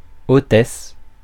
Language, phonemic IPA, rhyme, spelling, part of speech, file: French, /o.tɛs/, -ɛs, hôtesse, noun, Fr-hôtesse.ogg
- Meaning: hostess